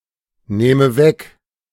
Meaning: inflection of wegnehmen: 1. first-person singular present 2. first/third-person singular subjunctive I
- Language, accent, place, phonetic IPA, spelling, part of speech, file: German, Germany, Berlin, [ˌneːmə ˈvɛk], nehme weg, verb, De-nehme weg.ogg